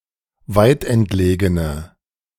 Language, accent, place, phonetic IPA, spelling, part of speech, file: German, Germany, Berlin, [ˈvaɪ̯tʔɛntˌleːɡənə], weitentlegene, adjective, De-weitentlegene.ogg
- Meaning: inflection of weitentlegen: 1. strong/mixed nominative/accusative feminine singular 2. strong nominative/accusative plural 3. weak nominative all-gender singular